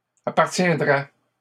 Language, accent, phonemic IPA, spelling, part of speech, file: French, Canada, /a.paʁ.tjɛ̃.dʁɛ/, appartiendraient, verb, LL-Q150 (fra)-appartiendraient.wav
- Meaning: third-person plural conditional of appartenir